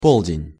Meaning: 1. noon, midday 2. middle age 3. south
- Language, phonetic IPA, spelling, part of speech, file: Russian, [ˈpoɫdʲɪnʲ], полдень, noun, Ru-полдень.ogg